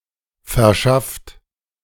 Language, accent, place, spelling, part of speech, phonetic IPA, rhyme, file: German, Germany, Berlin, verschafft, verb, [fɛɐ̯ˈʃaft], -aft, De-verschafft.ogg
- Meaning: 1. past participle of verschaffen 2. inflection of verschaffen: third-person singular present 3. inflection of verschaffen: second-person plural present 4. inflection of verschaffen: plural imperative